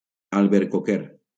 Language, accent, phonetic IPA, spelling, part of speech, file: Catalan, Valencia, [al.beɾ.koˈkeɾ], albercoquer, noun, LL-Q7026 (cat)-albercoquer.wav
- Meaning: apricot tree